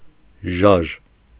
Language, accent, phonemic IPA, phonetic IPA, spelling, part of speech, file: Armenian, Eastern Armenian, /ʒɑʒ/, [ʒɑʒ], ժաժ, noun, Hy-ժաժ.ogg
- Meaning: 1. movement 2. earthquake